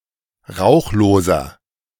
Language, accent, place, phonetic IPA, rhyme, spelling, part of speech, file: German, Germany, Berlin, [ˈʁaʊ̯xloːzɐ], -aʊ̯xloːzɐ, rauchloser, adjective, De-rauchloser.ogg
- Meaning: inflection of rauchlos: 1. strong/mixed nominative masculine singular 2. strong genitive/dative feminine singular 3. strong genitive plural